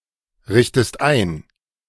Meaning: inflection of einrichten: 1. second-person singular present 2. second-person singular subjunctive I
- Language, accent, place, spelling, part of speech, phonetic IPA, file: German, Germany, Berlin, richtest ein, verb, [ˌʁɪçtəst ˈaɪ̯n], De-richtest ein.ogg